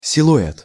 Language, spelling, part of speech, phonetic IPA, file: Russian, силуэт, noun, [sʲɪɫʊˈɛt], Ru-силуэт.ogg
- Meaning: silhouette